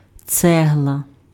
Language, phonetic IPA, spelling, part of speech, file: Ukrainian, [ˈt͡sɛɦɫɐ], цегла, noun, Uk-цегла.ogg
- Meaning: brick (building material)